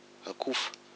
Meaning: 1. chaff 2. underdeveloped rice grains 3. diseased rice crop unable to bear grains
- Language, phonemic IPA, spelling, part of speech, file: Malagasy, /akufa/, akofa, noun, Mg-akofa.ogg